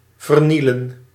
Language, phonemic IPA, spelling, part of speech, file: Dutch, /vərˈnilə(n)/, vernielen, verb, Nl-vernielen.ogg
- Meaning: to destroy